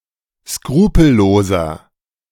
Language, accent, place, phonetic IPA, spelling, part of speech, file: German, Germany, Berlin, [ˈskʁuːpl̩ˌloːzɐ], skrupelloser, adjective, De-skrupelloser.ogg
- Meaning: 1. comparative degree of skrupellos 2. inflection of skrupellos: strong/mixed nominative masculine singular 3. inflection of skrupellos: strong genitive/dative feminine singular